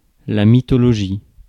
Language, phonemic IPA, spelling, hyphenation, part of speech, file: French, /mi.tɔ.lɔ.ʒi/, mythologie, my‧tho‧lo‧gie, noun, Fr-mythologie.ogg
- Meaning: mythology (myths of a people)